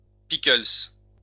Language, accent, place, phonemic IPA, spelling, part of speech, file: French, France, Lyon, /pi.kœls/, pickles, noun, LL-Q150 (fra)-pickles.wav
- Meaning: pickle (pickled vegetable)